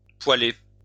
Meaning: to laugh hard
- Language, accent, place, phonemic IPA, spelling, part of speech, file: French, France, Lyon, /pwa.le/, poiler, verb, LL-Q150 (fra)-poiler.wav